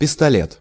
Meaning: 1. pistol, handgun 2. spraying pistol, sprayer
- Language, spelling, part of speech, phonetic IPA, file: Russian, пистолет, noun, [pʲɪstɐˈlʲet], Ru-пистолет.ogg